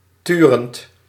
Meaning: present participle of turen
- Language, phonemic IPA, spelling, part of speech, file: Dutch, /ˈtyrənt/, turend, verb / adjective, Nl-turend.ogg